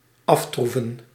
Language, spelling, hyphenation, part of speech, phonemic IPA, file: Dutch, aftroeven, af‧troe‧ven, verb, /ˈɑftruvə(n)/, Nl-aftroeven.ogg
- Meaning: to score off, to achieve success over